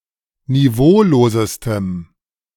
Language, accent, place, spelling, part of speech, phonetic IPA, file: German, Germany, Berlin, niveaulosestem, adjective, [niˈvoːloːzəstəm], De-niveaulosestem.ogg
- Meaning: strong dative masculine/neuter singular superlative degree of niveaulos